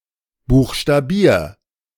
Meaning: 1. singular imperative of buchstabieren 2. first-person singular present of buchstabieren
- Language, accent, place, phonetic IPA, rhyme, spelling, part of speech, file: German, Germany, Berlin, [ˌbuːxʃtaˈbiːɐ̯], -iːɐ̯, buchstabier, verb, De-buchstabier.ogg